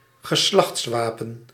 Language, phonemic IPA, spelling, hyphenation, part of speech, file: Dutch, /ɣəˈslɑx(t)sˌʋaː.pə(n)/, geslachtswapen, ge‧slachts‧wa‧pen, noun, Nl-geslachtswapen.ogg
- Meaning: family coat of arms